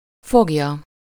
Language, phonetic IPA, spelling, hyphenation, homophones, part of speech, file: Hungarian, [ˈfoɡjɒ], fogja, fog‧ja, foglya, verb, Hu-fogja.ogg
- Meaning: 1. third-person singular indicative present definite of fog 2. third-person singular subjunctive present definite of fog